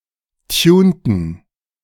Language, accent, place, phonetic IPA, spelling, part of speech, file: German, Germany, Berlin, [ˈtjuːntn̩], tunten, verb, De-tunten.ogg
- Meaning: inflection of tunen: 1. first/third-person plural preterite 2. first/third-person plural subjunctive II